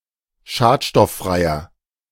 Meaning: inflection of schadstofffrei: 1. strong/mixed nominative masculine singular 2. strong genitive/dative feminine singular 3. strong genitive plural
- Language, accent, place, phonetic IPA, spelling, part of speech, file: German, Germany, Berlin, [ˈʃaːtʃtɔfˌfʁaɪ̯ɐ], schadstofffreier, adjective, De-schadstofffreier.ogg